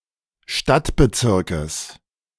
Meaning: genitive of Stadtbezirk
- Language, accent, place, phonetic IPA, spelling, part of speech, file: German, Germany, Berlin, [ˈʃtatbəˌt͡sɪʁkəs], Stadtbezirkes, noun, De-Stadtbezirkes.ogg